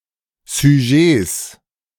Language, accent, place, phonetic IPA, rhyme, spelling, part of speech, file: German, Germany, Berlin, [zyˈʒeːs], -eːs, Sujets, noun, De-Sujets.ogg
- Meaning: plural of Sujet